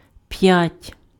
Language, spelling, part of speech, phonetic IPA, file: Ukrainian, п'ять, numeral, [pjatʲ], Uk-п'ять.ogg
- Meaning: five (5)